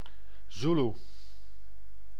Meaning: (adjective) Zulu (pertaining to the Zulu people, culture, or language); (noun) Zulu, member of the Zulu people; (proper noun) Zulu language
- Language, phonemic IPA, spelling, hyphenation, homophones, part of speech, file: Dutch, /ˈzulu/, Zoeloe, Zoe‧loe, Zulu, adjective / noun / proper noun, Nl-Zoeloe.ogg